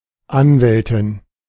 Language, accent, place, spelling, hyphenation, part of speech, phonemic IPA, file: German, Germany, Berlin, Anwältin, An‧wäl‧tin, noun, /ˈanvɛltɪn/, De-Anwältin.ogg
- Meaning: female equivalent of Anwalt